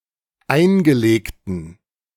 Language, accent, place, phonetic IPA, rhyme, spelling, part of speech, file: German, Germany, Berlin, [ˈaɪ̯nɡəˌleːktn̩], -aɪ̯nɡəleːktn̩, eingelegten, adjective, De-eingelegten.ogg
- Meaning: inflection of eingelegt: 1. strong genitive masculine/neuter singular 2. weak/mixed genitive/dative all-gender singular 3. strong/weak/mixed accusative masculine singular 4. strong dative plural